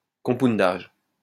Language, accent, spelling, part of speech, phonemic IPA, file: French, France, compoundage, noun, /kɔ̃.pun.daʒ/, LL-Q150 (fra)-compoundage.wav
- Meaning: compounding (especially of medicines)